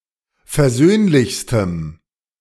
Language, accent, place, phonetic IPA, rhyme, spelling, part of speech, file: German, Germany, Berlin, [fɛɐ̯ˈzøːnlɪçstəm], -øːnlɪçstəm, versöhnlichstem, adjective, De-versöhnlichstem.ogg
- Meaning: strong dative masculine/neuter singular superlative degree of versöhnlich